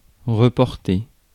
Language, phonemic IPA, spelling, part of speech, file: French, /ʁə.pɔʁ.te/, reporter, verb, Fr-reporter.ogg
- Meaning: 1. to carry something back to where it was 2. to wear again 3. to transfer (an emotion) 4. to put back; to put off; to postpone 5. to carry or take back in time 6. to refer; to check